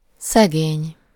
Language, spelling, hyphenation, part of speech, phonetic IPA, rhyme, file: Hungarian, szegény, sze‧gény, adjective / noun, [ˈsɛɡeːɲ], -eːɲ, Hu-szegény.ogg
- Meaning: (adjective) 1. poor (with little or no possessions or money) 2. poor (pitiable, used to express pity or compassion) 3. poor in, low in (deficient in a specified way; in something: -ban/-ben)